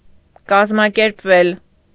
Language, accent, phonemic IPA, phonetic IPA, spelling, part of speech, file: Armenian, Eastern Armenian, /kɑzmɑkeɾpˈvel/, [kɑzmɑkeɾpvél], կազմակերպվել, verb, Hy-կազմակերպվել.ogg
- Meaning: mediopassive of կազմակերպել (kazmakerpel)